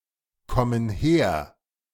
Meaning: inflection of herkommen: 1. first/third-person plural present 2. first/third-person plural subjunctive I
- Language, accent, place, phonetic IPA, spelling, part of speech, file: German, Germany, Berlin, [ˌkɔmən ˈheːɐ̯], kommen her, verb, De-kommen her.ogg